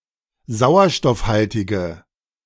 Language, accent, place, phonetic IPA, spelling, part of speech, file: German, Germany, Berlin, [ˈzaʊ̯ɐʃtɔfˌhaltɪɡə], sauerstoffhaltige, adjective, De-sauerstoffhaltige.ogg
- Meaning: inflection of sauerstoffhaltig: 1. strong/mixed nominative/accusative feminine singular 2. strong nominative/accusative plural 3. weak nominative all-gender singular